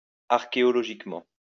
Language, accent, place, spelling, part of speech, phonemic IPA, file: French, France, Lyon, archéologiquement, adverb, /aʁ.ke.ɔ.lɔ.ʒik.mɑ̃/, LL-Q150 (fra)-archéologiquement.wav
- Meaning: archaeologically